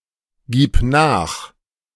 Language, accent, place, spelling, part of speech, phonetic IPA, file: German, Germany, Berlin, gib nach, verb, [ˌɡiːp ˈnaːx], De-gib nach.ogg
- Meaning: singular imperative of nachgeben